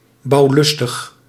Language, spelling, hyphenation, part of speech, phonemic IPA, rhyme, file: Dutch, bouwlustig, bouw‧lus‧tig, adjective, /ˌbɑu̯ˈlʏs.təx/, -ʏstəx, Nl-bouwlustig.ogg
- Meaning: eager to build, having an avidity for building